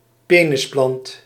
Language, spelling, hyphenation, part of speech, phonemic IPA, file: Dutch, penisplant, pe‧nis‧plant, noun, /ˈpeː.nəsˌplɑnt/, Nl-penisplant.ogg
- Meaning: synonym of reuzenaronskelk (“titan arum, Amorphophallus titanum”)